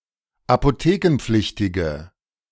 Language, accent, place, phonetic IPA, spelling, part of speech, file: German, Germany, Berlin, [apoˈteːkn̩ˌp͡flɪçtɪɡə], apothekenpflichtige, adjective, De-apothekenpflichtige.ogg
- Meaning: inflection of apothekenpflichtig: 1. strong/mixed nominative/accusative feminine singular 2. strong nominative/accusative plural 3. weak nominative all-gender singular